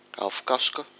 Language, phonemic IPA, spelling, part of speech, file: Malagasy, /afukasukạ/, afokasoka, noun, Mg-afokasoka.ogg
- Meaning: matches (device to help ignition)